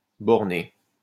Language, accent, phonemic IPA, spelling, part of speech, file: French, France, /bɔʁ.ne/, borné, adjective, LL-Q150 (fra)-borné.wav
- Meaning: 1. narrow 2. narrow-minded 3. bounded